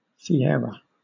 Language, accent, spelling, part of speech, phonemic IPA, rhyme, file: English, Southern England, sierra, noun, /siˈɛɹə/, -ɛɹə, LL-Q1860 (eng)-sierra.wav
- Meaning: 1. A rugged range of mountains 2. Alternative letter-case form of Sierra from the NATO/ICAO Phonetic Alphabet 3. A scombroid fish 4. A relatively low-quality grade of Spanish saffron